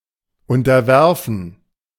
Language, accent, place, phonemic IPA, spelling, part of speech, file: German, Germany, Berlin, /ˌʊntɐˈvɛʁfn̩/, unterwerfen, verb, De-unterwerfen.ogg
- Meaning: 1. to subdue, to subordinate 2. to submit to